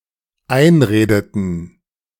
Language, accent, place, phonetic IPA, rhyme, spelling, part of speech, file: German, Germany, Berlin, [ˈaɪ̯nˌʁeːdətn̩], -aɪ̯nʁeːdətn̩, einredeten, verb, De-einredeten.ogg
- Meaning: inflection of einreden: 1. first/third-person plural dependent preterite 2. first/third-person plural dependent subjunctive II